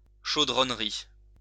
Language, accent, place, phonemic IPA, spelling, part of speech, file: French, France, Lyon, /ʃo.dʁɔn.ʁi/, chaudronnerie, noun, LL-Q150 (fra)-chaudronnerie.wav
- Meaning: 1. boilermaking (and similar metalworking trades) 2. boilermaking factory (place where such trade is carried out)